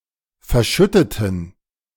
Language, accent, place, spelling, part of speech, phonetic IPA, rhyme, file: German, Germany, Berlin, verschütteten, adjective / verb, [fɛɐ̯ˈʃʏtətn̩], -ʏtətn̩, De-verschütteten.ogg
- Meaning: inflection of verschütten: 1. first/third-person plural preterite 2. first/third-person plural subjunctive II